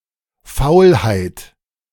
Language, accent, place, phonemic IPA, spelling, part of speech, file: German, Germany, Berlin, /ˈfaʊ̯lhaɪ̯t/, Faulheit, noun, De-Faulheit.ogg
- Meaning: laziness